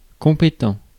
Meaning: competent (able)
- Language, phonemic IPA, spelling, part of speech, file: French, /kɔ̃.pe.tɑ̃/, compétent, adjective, Fr-compétent.ogg